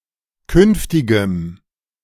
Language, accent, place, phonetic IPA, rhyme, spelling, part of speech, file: German, Germany, Berlin, [ˈkʏnftɪɡəm], -ʏnftɪɡəm, künftigem, adjective, De-künftigem.ogg
- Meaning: strong dative masculine/neuter singular of künftig